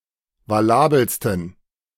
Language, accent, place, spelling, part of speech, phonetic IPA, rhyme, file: German, Germany, Berlin, valabelsten, adjective, [vaˈlaːbl̩stn̩], -aːbl̩stn̩, De-valabelsten.ogg
- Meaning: 1. superlative degree of valabel 2. inflection of valabel: strong genitive masculine/neuter singular superlative degree